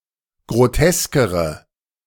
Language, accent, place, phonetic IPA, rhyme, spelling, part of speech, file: German, Germany, Berlin, [ɡʁoˈtɛskəʁə], -ɛskəʁə, groteskere, adjective, De-groteskere.ogg
- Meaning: inflection of grotesk: 1. strong/mixed nominative/accusative feminine singular comparative degree 2. strong nominative/accusative plural comparative degree